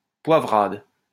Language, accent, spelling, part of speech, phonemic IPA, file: French, France, poivrade, noun, /pwa.vʁad/, LL-Q150 (fra)-poivrade.wav
- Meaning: poivrade